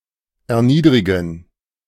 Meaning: to abase (to lower so as to hurt feelings), to dishonor, to humble
- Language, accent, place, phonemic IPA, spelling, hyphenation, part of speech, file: German, Germany, Berlin, /ɛɐ̯ˈniːdʁɪɡn̩/, erniedrigen, er‧nied‧ri‧gen, verb, De-erniedrigen.ogg